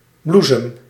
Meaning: blossom, bloom
- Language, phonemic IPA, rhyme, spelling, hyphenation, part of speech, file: Dutch, /ˈblu.səm/, -usəm, bloesem, bloe‧sem, noun, Nl-bloesem.ogg